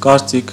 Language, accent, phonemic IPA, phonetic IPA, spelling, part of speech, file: Armenian, Eastern Armenian, /kɑɾˈt͡sikʰ/, [kɑɾt͡síkʰ], կարծիք, noun, Hy-կարծիք.ogg
- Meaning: opinion